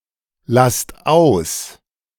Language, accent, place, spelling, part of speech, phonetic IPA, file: German, Germany, Berlin, lasst aus, verb, [ˌlast ˈaʊ̯s], De-lasst aus.ogg
- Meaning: inflection of auslassen: 1. second-person plural present 2. plural imperative